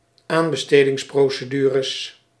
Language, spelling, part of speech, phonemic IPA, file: Dutch, aanbestedingsprocedures, noun, /ˈambəˌstediŋsprosəˌdyrəs/, Nl-aanbestedingsprocedures.ogg
- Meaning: plural of aanbestedingsprocedure